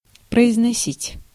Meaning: 1. to pronounce, to articulate 2. to deliver, to utter
- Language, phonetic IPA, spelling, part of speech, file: Russian, [prəɪznɐˈsʲitʲ], произносить, verb, Ru-произносить.ogg